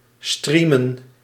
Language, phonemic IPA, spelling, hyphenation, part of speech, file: Dutch, /ˈstriː.mə(n)/, streamen, strea‧men, verb, Nl-streamen.ogg
- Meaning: to stream